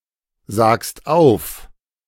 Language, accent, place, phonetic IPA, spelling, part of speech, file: German, Germany, Berlin, [ˌzaːkst ˈaʊ̯f], sagst auf, verb, De-sagst auf.ogg
- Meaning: second-person singular present of aufsagen